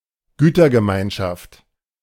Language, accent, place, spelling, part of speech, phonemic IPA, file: German, Germany, Berlin, Gütergemeinschaft, noun, /ˈɡyːtɐɡəˌmaɪ̯nʃaft/, De-Gütergemeinschaft.ogg
- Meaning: 1. public ownership 2. universal community of property